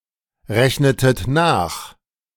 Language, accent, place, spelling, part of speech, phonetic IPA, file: German, Germany, Berlin, rechnetet nach, verb, [ˌʁɛçnətət ˈnaːx], De-rechnetet nach.ogg
- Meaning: inflection of nachrechnen: 1. second-person plural preterite 2. second-person plural subjunctive II